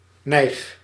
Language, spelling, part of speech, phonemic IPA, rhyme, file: Dutch, nijg, adjective / adverb / interjection / verb, /nɛi̯x/, -ɛi̯x, Nl-nijg.ogg
- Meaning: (adjective) impressive, fabulous; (adverb) 1. very 2. very well 3. hard; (interjection) cool!; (verb) inflection of nijgen: first-person singular present indicative